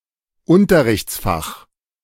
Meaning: school subject
- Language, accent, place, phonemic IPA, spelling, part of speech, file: German, Germany, Berlin, /ˈʊntɐʁɪçt͡sˌfaχ/, Unterrichtsfach, noun, De-Unterrichtsfach.ogg